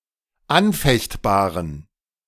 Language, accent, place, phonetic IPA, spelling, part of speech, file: German, Germany, Berlin, [ˈanˌfɛçtbaːʁən], anfechtbaren, adjective, De-anfechtbaren.ogg
- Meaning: inflection of anfechtbar: 1. strong genitive masculine/neuter singular 2. weak/mixed genitive/dative all-gender singular 3. strong/weak/mixed accusative masculine singular 4. strong dative plural